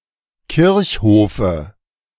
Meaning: dative singular of Kirchhof
- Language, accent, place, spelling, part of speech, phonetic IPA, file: German, Germany, Berlin, Kirchhofe, noun, [ˈkɪʁçˌhoːfə], De-Kirchhofe.ogg